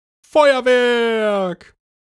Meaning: fireworks
- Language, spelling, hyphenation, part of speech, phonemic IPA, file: German, Feuerwerk, Feu‧er‧werk, noun, /ˈfɔʏ̯ərˌvɛrk/, De-Feuerwerk.ogg